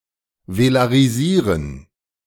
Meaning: to velarize
- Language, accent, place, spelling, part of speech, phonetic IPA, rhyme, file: German, Germany, Berlin, velarisieren, verb, [velaʁiˈziːʁən], -iːʁən, De-velarisieren.ogg